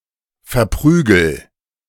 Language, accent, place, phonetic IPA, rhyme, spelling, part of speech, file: German, Germany, Berlin, [fɛɐ̯ˈpʁyːɡl̩], -yːɡl̩, verprügel, verb, De-verprügel.ogg
- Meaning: inflection of verprügeln: 1. first-person singular present 2. singular imperative